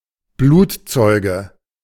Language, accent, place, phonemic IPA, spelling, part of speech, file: German, Germany, Berlin, /ˈbluː(t)ˌtsɔʏ̯ɡə/, Blutzeuge, noun, De-Blutzeuge.ogg
- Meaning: martyr